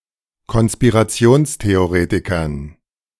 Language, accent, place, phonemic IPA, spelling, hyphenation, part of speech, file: German, Germany, Berlin, /kɔn.spi.ʁaˈt͡si̯oːns.te.oˌʁeː.ti.kɐn/, Konspirationstheoretikern, Kon‧spi‧ra‧ti‧ons‧the‧o‧re‧ti‧kern, noun, De-Konspirationstheoretikern.ogg
- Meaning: dative plural of Konspirationstheoretiker